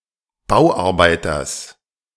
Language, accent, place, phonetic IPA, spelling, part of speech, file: German, Germany, Berlin, [ˈbaʊ̯ʔaʁˌbaɪ̯tɐs], Bauarbeiters, noun, De-Bauarbeiters.ogg
- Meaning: genitive singular of Bauarbeiter